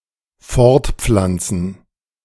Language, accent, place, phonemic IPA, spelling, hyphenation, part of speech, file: German, Germany, Berlin, /ˈfɔʁtˌp͡flant͡sn̩/, fortpflanzen, fort‧pflan‧zen, verb, De-fortpflanzen.ogg
- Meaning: 1. to reproduce (to generate offspring) 2. to spread